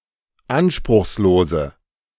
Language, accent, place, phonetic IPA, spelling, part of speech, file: German, Germany, Berlin, [ˈanʃpʁʊxsˌloːzə], anspruchslose, adjective, De-anspruchslose.ogg
- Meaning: inflection of anspruchslos: 1. strong/mixed nominative/accusative feminine singular 2. strong nominative/accusative plural 3. weak nominative all-gender singular